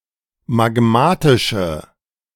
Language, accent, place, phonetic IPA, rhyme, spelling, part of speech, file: German, Germany, Berlin, [maˈɡmaːtɪʃə], -aːtɪʃə, magmatische, adjective, De-magmatische.ogg
- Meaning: inflection of magmatisch: 1. strong/mixed nominative/accusative feminine singular 2. strong nominative/accusative plural 3. weak nominative all-gender singular